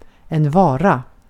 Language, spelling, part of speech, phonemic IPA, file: Swedish, vara, verb / noun, /²vɑːra/, Sv-vara.ogg
- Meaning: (verb) to be: 1. to occupy a place, to be (somewhere) 2. to occur, to take place 3. to exist 4. Indicates that the subject and object are the same